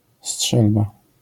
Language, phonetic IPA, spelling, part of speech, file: Polish, [ˈsṭʃɛlba], strzelba, noun, LL-Q809 (pol)-strzelba.wav